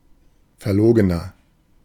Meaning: 1. comparative degree of verlogen 2. inflection of verlogen: strong/mixed nominative masculine singular 3. inflection of verlogen: strong genitive/dative feminine singular
- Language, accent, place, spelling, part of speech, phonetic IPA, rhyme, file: German, Germany, Berlin, verlogener, adjective, [fɛɐ̯ˈloːɡənɐ], -oːɡənɐ, De-verlogener.ogg